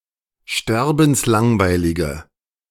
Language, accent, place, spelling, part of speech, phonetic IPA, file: German, Germany, Berlin, sterbenslangweilige, adjective, [ˈʃtɛʁbn̩sˌlaŋvaɪ̯lɪɡə], De-sterbenslangweilige.ogg
- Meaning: inflection of sterbenslangweilig: 1. strong/mixed nominative/accusative feminine singular 2. strong nominative/accusative plural 3. weak nominative all-gender singular